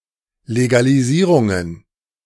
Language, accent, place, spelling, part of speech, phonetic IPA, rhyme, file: German, Germany, Berlin, Legalisierungen, noun, [leɡaliˈziːʁʊŋən], -iːʁʊŋən, De-Legalisierungen.ogg
- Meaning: plural of Legalisierung